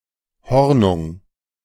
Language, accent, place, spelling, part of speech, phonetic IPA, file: German, Germany, Berlin, Hornung, noun / proper noun, [ˈhɔʁnʊŋ], De-Hornung.ogg
- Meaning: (noun) February; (proper noun) a surname